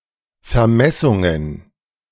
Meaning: plural of Vermessung
- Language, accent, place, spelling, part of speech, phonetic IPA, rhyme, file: German, Germany, Berlin, Vermessungen, noun, [fɛɐ̯ˈmɛsʊŋən], -ɛsʊŋən, De-Vermessungen.ogg